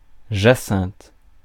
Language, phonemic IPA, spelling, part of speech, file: French, /ʒa.sɛ̃t/, jacinthe, noun, Fr-jacinthe.ogg
- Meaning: hyacinth